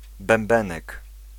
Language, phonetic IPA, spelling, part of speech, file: Polish, [bɛ̃mˈbɛ̃nɛk], bębenek, noun, Pl-bębenek.ogg